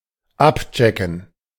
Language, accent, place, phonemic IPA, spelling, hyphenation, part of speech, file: German, Germany, Berlin, /ˈapˌt͡ʃɛkn̩/, abchecken, ab‧che‧cken, verb, De-abchecken.ogg
- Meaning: to check out